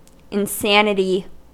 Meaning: The state of being insane; madness
- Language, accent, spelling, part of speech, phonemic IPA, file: English, US, insanity, noun, /ɪnˈsænɪti/, En-us-insanity.ogg